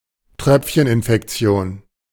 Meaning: airborne infection, droplet infection
- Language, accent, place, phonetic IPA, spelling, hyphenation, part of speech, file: German, Germany, Berlin, [ˈtʁœpfçənɪnfɛkˌtsi̯oːn], Tröpfcheninfektion, Tröpf‧chen‧in‧fek‧ti‧on, noun, De-Tröpfcheninfektion.ogg